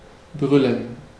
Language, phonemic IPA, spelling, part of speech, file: German, /ˈbʁʏlən/, brüllen, verb, De-brüllen.ogg
- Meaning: to shout, roar